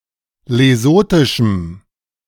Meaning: strong dative masculine/neuter singular of lesothisch
- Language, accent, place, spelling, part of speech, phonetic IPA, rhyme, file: German, Germany, Berlin, lesothischem, adjective, [leˈzoːtɪʃm̩], -oːtɪʃm̩, De-lesothischem.ogg